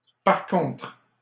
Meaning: on the other hand, on the contrary (from another point of view); however
- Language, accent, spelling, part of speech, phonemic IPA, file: French, Canada, par contre, adverb, /paʁ kɔ̃tʁ/, LL-Q150 (fra)-par contre.wav